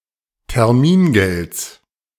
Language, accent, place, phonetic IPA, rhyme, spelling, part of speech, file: German, Germany, Berlin, [tɛʁˈmiːnˌɡɛlt͡s], -iːnɡɛlt͡s, Termingelds, noun, De-Termingelds.ogg
- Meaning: genitive of Termingeld